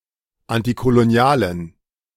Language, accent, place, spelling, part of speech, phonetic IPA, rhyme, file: German, Germany, Berlin, antikolonialen, adjective, [ˌantikoloˈni̯aːlən], -aːlən, De-antikolonialen.ogg
- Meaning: inflection of antikolonial: 1. strong genitive masculine/neuter singular 2. weak/mixed genitive/dative all-gender singular 3. strong/weak/mixed accusative masculine singular 4. strong dative plural